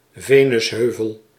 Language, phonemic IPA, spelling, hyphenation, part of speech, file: Dutch, /ˈveː.nʏsˌɦøː.vəl/, venusheuvel, ve‧nus‧heu‧vel, noun, Nl-venusheuvel.ogg
- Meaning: mons pubis